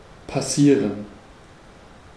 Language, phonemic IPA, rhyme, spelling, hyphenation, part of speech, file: German, /paˈsiːʁən/, -iːʁən, passieren, pas‧sie‧ren, verb, De-passieren.ogg
- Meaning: 1. to happen 2. to move beyond; pass 3. to pass through a sieve, to strain